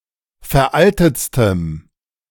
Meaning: strong dative masculine/neuter singular superlative degree of veraltet
- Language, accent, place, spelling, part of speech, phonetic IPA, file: German, Germany, Berlin, veraltetstem, adjective, [fɛɐ̯ˈʔaltət͡stəm], De-veraltetstem.ogg